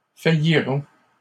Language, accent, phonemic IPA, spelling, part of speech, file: French, Canada, /fa.ji.ʁɔ̃/, faillirons, verb, LL-Q150 (fra)-faillirons.wav
- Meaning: first-person plural simple future of faillir